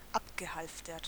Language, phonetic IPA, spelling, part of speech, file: German, [ˈapɡəˌhalftɐt], abgehalftert, adjective / verb, De-abgehalftert.ogg
- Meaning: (verb) past participle of abhalftern; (adjective) abandoned, neglected